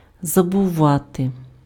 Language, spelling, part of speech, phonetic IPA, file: Ukrainian, забувати, verb, [zɐbʊˈʋate], Uk-забувати.ogg
- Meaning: to forget